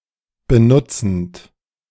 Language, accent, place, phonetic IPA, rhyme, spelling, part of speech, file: German, Germany, Berlin, [bəˈnʊt͡sn̩t], -ʊt͡sn̩t, benutzend, verb, De-benutzend.ogg
- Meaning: present participle of benutzen